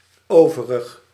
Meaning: remaining
- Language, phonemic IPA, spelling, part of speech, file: Dutch, /ˈoː.və.rəx/, overig, adjective, Nl-overig.ogg